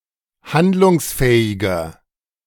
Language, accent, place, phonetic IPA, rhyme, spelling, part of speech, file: German, Germany, Berlin, [ˈhandlʊŋsˌfɛːɪɡɐ], -andlʊŋsfɛːɪɡɐ, handlungsfähiger, adjective, De-handlungsfähiger.ogg
- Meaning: 1. comparative degree of handlungsfähig 2. inflection of handlungsfähig: strong/mixed nominative masculine singular 3. inflection of handlungsfähig: strong genitive/dative feminine singular